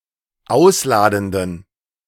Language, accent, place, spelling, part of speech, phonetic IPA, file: German, Germany, Berlin, ausladenden, adjective, [ˈaʊ̯sˌlaːdn̩dən], De-ausladenden.ogg
- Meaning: inflection of ausladend: 1. strong genitive masculine/neuter singular 2. weak/mixed genitive/dative all-gender singular 3. strong/weak/mixed accusative masculine singular 4. strong dative plural